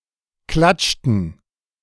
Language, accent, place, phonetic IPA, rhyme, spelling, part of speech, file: German, Germany, Berlin, [ˈklat͡ʃtn̩], -at͡ʃtn̩, klatschten, verb, De-klatschten.ogg
- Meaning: inflection of klatschen: 1. first/third-person plural preterite 2. first/third-person plural subjunctive II